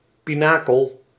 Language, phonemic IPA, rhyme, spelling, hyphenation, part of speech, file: Dutch, /ˌpiˈnaː.kəl/, -aːkəl, pinakel, pi‧na‧kel, noun, Nl-pinakel.ogg
- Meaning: pinnacle (ornamental spire)